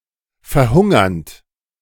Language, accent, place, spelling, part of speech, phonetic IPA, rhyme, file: German, Germany, Berlin, verhungernd, verb, [fɛɐ̯ˈhʊŋɐnt], -ʊŋɐnt, De-verhungernd.ogg
- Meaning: present participle of verhungern